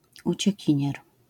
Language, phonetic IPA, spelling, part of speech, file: Polish, [ˌut͡ɕɛ̇ˈcĩɲɛr], uciekinier, noun, LL-Q809 (pol)-uciekinier.wav